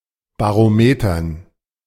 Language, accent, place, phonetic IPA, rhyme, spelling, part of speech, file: German, Germany, Berlin, [baʁoˈmeːtɐn], -eːtɐn, Barometern, noun, De-Barometern.ogg
- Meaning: dative plural of Barometer